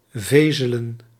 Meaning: to whisper
- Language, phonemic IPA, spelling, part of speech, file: Dutch, /ˈvezələ(n)/, vezelen, verb, Nl-vezelen.ogg